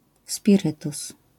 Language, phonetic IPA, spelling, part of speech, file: Polish, [spʲiˈrɨtus], spirytus, noun, LL-Q809 (pol)-spirytus.wav